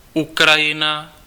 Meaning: Ukraine (a country in Eastern Europe, bordering on the north shore of the Black Sea)
- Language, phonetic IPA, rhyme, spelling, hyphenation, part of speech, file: Czech, [ˈukrajɪna], -ɪna, Ukrajina, Ukra‧ji‧na, proper noun, Cs-Ukrajina.ogg